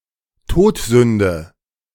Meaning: deadly sin
- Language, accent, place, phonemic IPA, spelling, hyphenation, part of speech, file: German, Germany, Berlin, /ˈtoːtˌzʏndə/, Todsünde, Tod‧sün‧de, noun, De-Todsünde.ogg